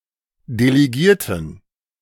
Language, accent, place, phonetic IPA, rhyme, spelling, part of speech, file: German, Germany, Berlin, [deleˈɡiːɐ̯tn̩], -iːɐ̯tn̩, Delegierten, noun, De-Delegierten.ogg
- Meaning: dative plural of Delegierter